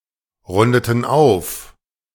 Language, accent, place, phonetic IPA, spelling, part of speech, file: German, Germany, Berlin, [ˌʁʊndətn̩ ˈaʊ̯f], rundeten auf, verb, De-rundeten auf.ogg
- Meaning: inflection of aufrunden: 1. first/third-person plural preterite 2. first/third-person plural subjunctive II